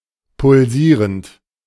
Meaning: present participle of pulsieren
- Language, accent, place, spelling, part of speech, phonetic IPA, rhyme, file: German, Germany, Berlin, pulsierend, verb, [pʊlˈziːʁənt], -iːʁənt, De-pulsierend.ogg